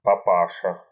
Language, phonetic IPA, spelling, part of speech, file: Russian, [pɐˈpaʂə], папаша, noun, Ru-папа́ша.ogg
- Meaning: 1. same as (папа) dad 2. familiar term of address for an (elderly) man